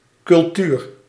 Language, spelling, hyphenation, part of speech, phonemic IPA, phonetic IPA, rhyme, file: Dutch, cultuur, cul‧tuur, noun, /kʏlˈtyr/, [kʏlˈtyːr], -yr, Nl-cultuur.ogg
- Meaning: 1. culture (practices and beliefs particular to a society or group) 2. culture (arts, historic heritage and creative media as a sector) 3. culture (cultivation, tillage of crops)